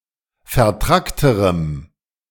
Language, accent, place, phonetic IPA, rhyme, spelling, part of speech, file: German, Germany, Berlin, [fɛɐ̯ˈtʁaktəʁəm], -aktəʁəm, vertrackterem, adjective, De-vertrackterem.ogg
- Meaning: strong dative masculine/neuter singular comparative degree of vertrackt